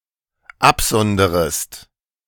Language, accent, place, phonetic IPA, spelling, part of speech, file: German, Germany, Berlin, [ˈapˌzɔndəʁəst], absonderest, verb, De-absonderest.ogg
- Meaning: second-person singular dependent subjunctive I of absondern